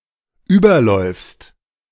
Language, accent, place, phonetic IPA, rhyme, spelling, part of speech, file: German, Germany, Berlin, [ˈyːbɐˌlɔɪ̯fst], -yːbɐlɔɪ̯fst, überläufst, verb, De-überläufst.ogg
- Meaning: second-person singular dependent present of überlaufen